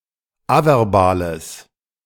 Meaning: strong/mixed nominative/accusative neuter singular of averbal
- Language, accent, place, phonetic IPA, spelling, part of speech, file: German, Germany, Berlin, [ˈavɛʁˌbaːləs], averbales, adjective, De-averbales.ogg